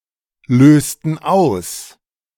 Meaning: inflection of auslösen: 1. first/third-person plural preterite 2. first/third-person plural subjunctive II
- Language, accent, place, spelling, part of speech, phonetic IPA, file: German, Germany, Berlin, lösten aus, verb, [ˌløːstn̩ ˈaʊ̯s], De-lösten aus.ogg